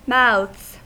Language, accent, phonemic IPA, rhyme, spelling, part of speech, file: English, US, /maʊðz/, -aʊðz, mouths, noun / verb, En-us-mouths.ogg
- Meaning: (noun) plural of mouth; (verb) third-person singular simple present indicative of mouth